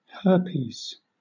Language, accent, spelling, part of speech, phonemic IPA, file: English, Southern England, herpes, noun, /ˈhɜː(ɹ).piz/, LL-Q1860 (eng)-herpes.wav
- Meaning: A viral infection, caused by Human alphaherpesvirus 1 and Human alphaherpesvirus 2, marked by painful, watery blisters in the skin or in the mucous membranes or on the genitals